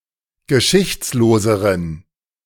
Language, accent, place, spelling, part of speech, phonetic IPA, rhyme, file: German, Germany, Berlin, geschichtsloseren, adjective, [ɡəˈʃɪçt͡sloːzəʁən], -ɪçt͡sloːzəʁən, De-geschichtsloseren.ogg
- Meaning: inflection of geschichtslos: 1. strong genitive masculine/neuter singular comparative degree 2. weak/mixed genitive/dative all-gender singular comparative degree